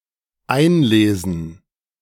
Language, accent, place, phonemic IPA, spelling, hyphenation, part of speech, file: German, Germany, Berlin, /ˈaɪ̯nˌleːzən/, einlesen, ein‧le‧sen, verb, De-einlesen.ogg
- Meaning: 1. to acquaint oneself with a work or field by reading 2. to scan; to read in or digitalise with an electronic device